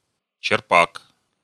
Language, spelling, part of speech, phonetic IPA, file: Russian, черпак, noun, [t͡ɕɪrˈpak], Ru-черпак.ogg
- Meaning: 1. ladle (deep-bowled spoon with a long, usually curved, handle) 2. scoop, dipper 3. skimmer (for clearing slush in ice fishing) 4. bucket, scoop (of an excavator)